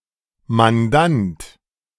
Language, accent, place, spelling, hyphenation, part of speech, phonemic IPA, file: German, Germany, Berlin, Mandant, Man‧dant, noun, /manˈdant/, De-Mandant.ogg
- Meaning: client (of a lawyer)